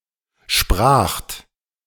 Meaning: second-person plural preterite of sprechen
- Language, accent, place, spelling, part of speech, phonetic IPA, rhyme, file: German, Germany, Berlin, spracht, verb, [ʃpʁaːxt], -aːxt, De-spracht.ogg